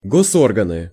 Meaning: nominative/accusative plural of госо́рган (gosórgan)
- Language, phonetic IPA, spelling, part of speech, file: Russian, [ˌɡoˈsorɡənɨ], госорганы, noun, Ru-госорганы.ogg